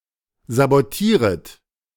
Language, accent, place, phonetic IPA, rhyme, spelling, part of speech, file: German, Germany, Berlin, [zaboˈtiːʁət], -iːʁət, sabotieret, verb, De-sabotieret.ogg
- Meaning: second-person plural subjunctive I of sabotieren